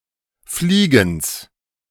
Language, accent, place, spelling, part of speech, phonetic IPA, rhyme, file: German, Germany, Berlin, Fliegens, noun, [ˈfliːɡn̩s], -iːɡn̩s, De-Fliegens.ogg
- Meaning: genitive of Fliegen